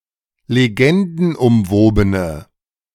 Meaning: inflection of legendenumwoben: 1. strong/mixed nominative/accusative feminine singular 2. strong nominative/accusative plural 3. weak nominative all-gender singular
- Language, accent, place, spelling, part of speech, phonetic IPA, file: German, Germany, Berlin, legendenumwobene, adjective, [leˈɡɛndn̩ʔʊmˌvoːbənə], De-legendenumwobene.ogg